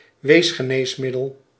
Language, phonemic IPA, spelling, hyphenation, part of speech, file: Dutch, /ˈʋeːs.xəˌneːs.mɪ.dəl/, weesgeneesmiddel, wees‧ge‧nees‧mid‧del, noun, Nl-weesgeneesmiddel.ogg
- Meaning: orphan drug (medical drug or treatment for a rare condition)